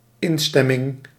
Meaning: 1. agreement 2. approval
- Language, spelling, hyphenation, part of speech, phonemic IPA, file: Dutch, instemming, in‧stem‧ming, noun, /ˈɪnstɛmɪŋ/, Nl-instemming.ogg